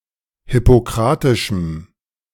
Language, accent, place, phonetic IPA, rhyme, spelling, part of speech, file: German, Germany, Berlin, [hɪpoˈkʁaːtɪʃm̩], -aːtɪʃm̩, hippokratischem, adjective, De-hippokratischem.ogg
- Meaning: strong dative masculine/neuter singular of hippokratisch